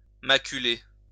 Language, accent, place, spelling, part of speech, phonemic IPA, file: French, France, Lyon, maculer, verb, /ma.ky.le/, LL-Q150 (fra)-maculer.wav
- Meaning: to mark; to spoil (with a mark or marks)